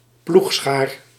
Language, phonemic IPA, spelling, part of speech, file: Dutch, /ˈpluxsxar/, ploegschaar, noun, Nl-ploegschaar.ogg
- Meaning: plowshare/ploughshare